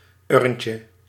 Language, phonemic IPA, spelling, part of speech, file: Dutch, /ˈʏrᵊncə/, urntje, noun, Nl-urntje.ogg
- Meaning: diminutive of urn